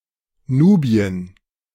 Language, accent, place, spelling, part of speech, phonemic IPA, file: German, Germany, Berlin, Nubien, proper noun, /ˈnuːbi̯ən/, De-Nubien.ogg
- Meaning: Nubia